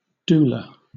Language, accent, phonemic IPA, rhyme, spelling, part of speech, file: English, Southern England, /ˈduːlə/, -uːlə, doula, noun, LL-Q1860 (eng)-doula.wav
- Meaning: A trained support person who provides emotional, physical and practical assistance to a pregnant woman or couple before, during or after childbirth